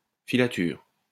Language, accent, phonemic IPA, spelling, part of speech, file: French, France, /fi.la.tyʁ/, filature, noun, LL-Q150 (fra)-filature.wav
- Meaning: 1. filature 2. spinning factory 3. watch, surveillance